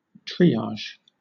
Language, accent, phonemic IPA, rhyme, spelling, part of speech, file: English, Southern England, /ˈtɹiː.ɑːʒ/, -ɑːʒ, triage, noun / verb, LL-Q1860 (eng)-triage.wav
- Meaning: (noun) Assessment or sorting according to quality, need, etc., especially to determine how resources will be allocated